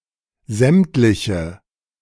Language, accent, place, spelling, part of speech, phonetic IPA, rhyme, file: German, Germany, Berlin, sämtliche, adjective, [ˈzɛmtlɪçə], -ɛmtlɪçə, De-sämtliche.ogg
- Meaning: inflection of sämtlich: 1. strong/mixed nominative/accusative feminine singular 2. strong nominative/accusative plural 3. weak nominative all-gender singular